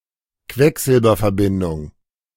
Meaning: mercury compound
- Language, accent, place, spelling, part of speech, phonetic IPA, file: German, Germany, Berlin, Quecksilberverbindung, noun, [ˈkvɛkzɪlbɐfɛɐ̯ˌbɪndʊŋ], De-Quecksilberverbindung.ogg